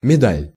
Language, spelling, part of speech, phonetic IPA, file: Russian, медаль, noun, [mʲɪˈdalʲ], Ru-медаль.ogg
- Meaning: medal